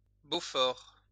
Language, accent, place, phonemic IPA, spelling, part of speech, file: French, France, Lyon, /bo.fɔʁ/, beaufort, noun, LL-Q150 (fra)-beaufort.wav
- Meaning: Beaufort cheese